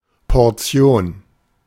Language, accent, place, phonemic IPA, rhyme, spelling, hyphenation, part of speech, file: German, Germany, Berlin, /pɔrˈtsjoːn/, -oːn, Portion, Por‧ti‧on, noun, De-Portion.ogg
- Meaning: 1. portion, an allocated amount, (chiefly) a portion of food, a serving, helping 2. an amount (of some size)